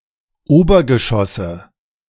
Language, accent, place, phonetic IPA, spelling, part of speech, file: German, Germany, Berlin, [ˈoːbɐɡəˌʃɔsə], Obergeschosse, noun, De-Obergeschosse.ogg
- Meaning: nominative/accusative/genitive plural of Obergeschoss